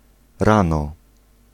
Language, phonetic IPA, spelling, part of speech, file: Polish, [ˈrãnɔ], rano, adverb / noun, Pl-rano.ogg